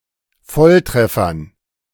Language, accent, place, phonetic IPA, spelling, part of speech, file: German, Germany, Berlin, [ˈfɔlˌtʁɛfɐn], Volltreffern, noun, De-Volltreffern.ogg
- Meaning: dative plural of Volltreffer